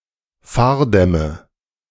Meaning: nominative/accusative/genitive plural of Fahrdamm
- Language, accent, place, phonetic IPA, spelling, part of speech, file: German, Germany, Berlin, [ˈfaːɐ̯ˌdɛmə], Fahrdämme, noun, De-Fahrdämme.ogg